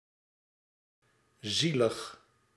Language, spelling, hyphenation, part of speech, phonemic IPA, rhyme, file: Dutch, zielig, zie‧lig, adjective, /ˈzi.ləx/, -iləx, Nl-zielig.ogg
- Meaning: 1. sad, pitiful 2. pathetic